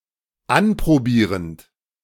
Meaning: present participle of anprobieren
- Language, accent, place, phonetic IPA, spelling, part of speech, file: German, Germany, Berlin, [ˈanpʁoˌbiːʁənt], anprobierend, verb, De-anprobierend.ogg